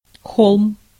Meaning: hill
- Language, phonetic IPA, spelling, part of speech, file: Russian, [xoɫm], холм, noun, Ru-холм.ogg